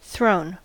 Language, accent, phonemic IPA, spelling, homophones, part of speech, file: English, US, /θɹoʊn/, thrown, throne, verb / adjective, En-us-thrown.ogg
- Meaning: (verb) past participle of throw; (adjective) 1. Launched by throwing 2. Twisted into a single thread, as silk or yarn 3. Confused; perplexed